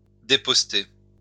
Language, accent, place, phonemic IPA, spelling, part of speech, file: French, France, Lyon, /de.pɔs.te/, déposter, verb, LL-Q150 (fra)-déposter.wav
- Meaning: to drive from a post, to dislodge